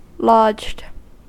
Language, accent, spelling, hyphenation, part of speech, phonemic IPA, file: English, US, lodged, lodged, verb / adjective, /lɑd͡ʒd/, En-us-lodged.ogg
- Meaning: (verb) simple past and past participle of lodge; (adjective) Lying down, with head raised; used of beasts of the chase (deer, etc), as couchant is used of beasts of prey (lions, etc)